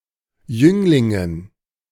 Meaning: dative plural of Jüngling
- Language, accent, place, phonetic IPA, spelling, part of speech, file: German, Germany, Berlin, [ˈjʏŋlɪŋən], Jünglingen, noun, De-Jünglingen.ogg